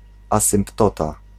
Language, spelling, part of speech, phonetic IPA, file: Polish, asymptota, noun, [ˌasɨ̃mpˈtɔta], Pl-asymptota.ogg